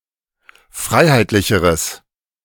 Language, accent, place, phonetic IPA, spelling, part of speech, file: German, Germany, Berlin, [ˈfʁaɪ̯haɪ̯tlɪçəʁəs], freiheitlicheres, adjective, De-freiheitlicheres.ogg
- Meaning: strong/mixed nominative/accusative neuter singular comparative degree of freiheitlich